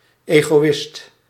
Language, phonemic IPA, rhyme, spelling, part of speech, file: Dutch, /ˌeːɣoːˈɪst/, -ɪst, egoïst, noun, Nl-egoïst.ogg
- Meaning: egoist